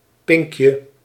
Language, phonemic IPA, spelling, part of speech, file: Dutch, /ˈpɪŋkjə/, pinkje, noun, Nl-pinkje.ogg
- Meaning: diminutive of pink (“little finger”)